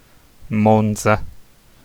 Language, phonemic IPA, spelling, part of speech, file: Italian, /ˈmont͡sa/, Monza, proper noun, It-Monza.ogg